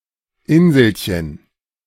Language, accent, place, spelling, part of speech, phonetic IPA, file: German, Germany, Berlin, Inselchen, noun, [ˈɪnzl̩çən], De-Inselchen.ogg
- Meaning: diminutive of Insel